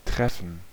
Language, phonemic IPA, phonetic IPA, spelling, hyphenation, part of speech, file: German, /ˈtʁɛfən/, [ˈtʰʁ̥ɛfɱ̩], treffen, tref‧fen, verb, De-treffen.ogg
- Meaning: 1. to meet; to encounter 2. to hit; to strike 3. to affect; to concern 4. to hit the mark, to suit, to be convenient or fortunate